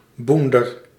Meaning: a brush, a scrub
- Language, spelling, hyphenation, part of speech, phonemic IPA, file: Dutch, boender, boen‧der, noun, /ˈbun.dər/, Nl-boender.ogg